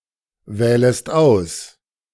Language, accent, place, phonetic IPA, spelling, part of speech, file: German, Germany, Berlin, [ˌvɛːləst ˈaʊ̯s], wählest aus, verb, De-wählest aus.ogg
- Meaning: second-person singular subjunctive I of auswählen